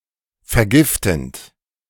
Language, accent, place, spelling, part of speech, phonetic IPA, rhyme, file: German, Germany, Berlin, vergiftend, verb, [fɛɐ̯ˈɡɪftn̩t], -ɪftn̩t, De-vergiftend.ogg
- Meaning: present participle of vergiften